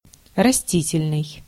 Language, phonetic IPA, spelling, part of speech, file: Russian, [rɐˈsʲtʲitʲɪlʲnɨj], растительный, adjective, Ru-растительный.ogg
- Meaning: vegetation, vegetable (relational), vegetal; vegetative